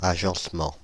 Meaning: arrangement, layout
- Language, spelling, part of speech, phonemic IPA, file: French, agencement, noun, /a.ʒɑ̃s.mɑ̃/, Fr-agencement.ogg